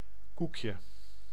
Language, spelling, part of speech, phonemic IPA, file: Dutch, koekje, noun, /ˈku.kjə/, Nl-koekje.ogg
- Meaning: 1. diminutive of koek 2. cookie